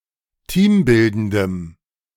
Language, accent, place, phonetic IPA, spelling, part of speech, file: German, Germany, Berlin, [ˈtiːmˌbɪldəndəm], teambildendem, adjective, De-teambildendem.ogg
- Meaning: strong dative masculine/neuter singular of teambildend